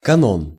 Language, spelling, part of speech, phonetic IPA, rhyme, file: Russian, канон, noun, [kɐˈnon], -on, Ru-канон.ogg
- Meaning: canon